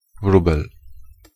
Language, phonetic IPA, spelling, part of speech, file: Polish, [ˈvrubɛl], wróbel, noun, Pl-wróbel.ogg